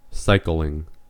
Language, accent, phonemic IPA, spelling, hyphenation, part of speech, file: English, US, /ˈsaɪk(ə)lɪŋ/, cycling, cy‧cling, verb / noun / adjective, En-us-cycling.ogg
- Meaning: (verb) present participle and gerund of cycle; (noun) The activity of riding cycles, especially bicycles (for transport, sport, physical exercise, recreation, tourism...)